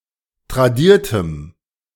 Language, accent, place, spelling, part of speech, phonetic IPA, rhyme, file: German, Germany, Berlin, tradiertem, adjective, [tʁaˈdiːɐ̯təm], -iːɐ̯təm, De-tradiertem.ogg
- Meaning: strong dative masculine/neuter singular of tradiert